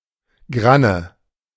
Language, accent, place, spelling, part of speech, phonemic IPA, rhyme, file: German, Germany, Berlin, Granne, noun, /ˈɡʁanə/, -anə, De-Granne.ogg
- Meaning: 1. awn 2. arista (the bristly tip of the husks of grasses, cereals, and grains) 3. stiff hair protruding from the fur or outer coat of mammals